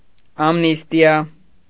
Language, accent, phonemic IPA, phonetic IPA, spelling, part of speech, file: Armenian, Eastern Armenian, /ɑmˈnistiɑ/, [ɑmnístjɑ], ամնիստիա, noun, Hy-ամնիստիա.ogg
- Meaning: amnesty